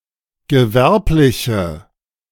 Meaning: inflection of gewerblich: 1. strong/mixed nominative/accusative feminine singular 2. strong nominative/accusative plural 3. weak nominative all-gender singular
- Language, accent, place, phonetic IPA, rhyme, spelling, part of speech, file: German, Germany, Berlin, [ɡəˈvɛʁplɪçə], -ɛʁplɪçə, gewerbliche, adjective, De-gewerbliche.ogg